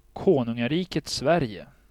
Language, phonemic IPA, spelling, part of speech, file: Swedish, /²koːnɵŋaˌriːkɛt ¹svɛːrjɛ/, Konungariket Sverige, proper noun, Sv-Konungariket Sverige.ogg
- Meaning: Kingdom of Sweden (official name of Sweden: a country in Northern Europe)